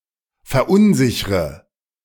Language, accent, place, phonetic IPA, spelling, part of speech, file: German, Germany, Berlin, [fɛɐ̯ˈʔʊnˌzɪçʁə], verunsichre, verb, De-verunsichre.ogg
- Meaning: inflection of verunsichern: 1. first-person singular present 2. first/third-person singular subjunctive I 3. singular imperative